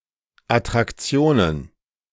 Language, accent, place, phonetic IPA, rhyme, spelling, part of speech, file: German, Germany, Berlin, [atʁakˈt͡si̯oːnən], -oːnən, Attraktionen, noun, De-Attraktionen.ogg
- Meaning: plural of Attraktion